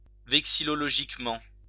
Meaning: vexillogically
- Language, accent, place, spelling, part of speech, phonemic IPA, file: French, France, Lyon, vexillologiquement, adverb, /vɛk.si.lɔ.lɔ.ʒik.mɑ̃/, LL-Q150 (fra)-vexillologiquement.wav